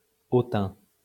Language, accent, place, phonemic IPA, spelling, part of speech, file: French, France, Lyon, /o.tɛ̃/, hautain, adjective, LL-Q150 (fra)-hautain.wav
- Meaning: haughty, supercilious